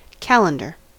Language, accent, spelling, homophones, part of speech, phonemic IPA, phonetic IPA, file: English, US, calendar, calender / qalandar / Callander, noun / verb, /ˈkæl.ən.dɚ/, [ˈkʰæl.(ə)n.dɚ], En-us-calendar.ogg
- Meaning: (noun) 1. Any system by which time is divided into days, weeks, months, and years 2. A means to determine the date consisting of a document containing dates and other temporal information